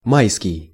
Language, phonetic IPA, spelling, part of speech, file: Russian, [ˈmajskʲɪj], майский, adjective, Ru-майский.ogg
- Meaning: May